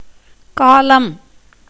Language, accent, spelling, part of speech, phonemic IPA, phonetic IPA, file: Tamil, India, காலம், noun, /kɑːlɐm/, [käːlɐm], Ta-காலம்.ogg
- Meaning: 1. time 2. season 3. tense 4. time of death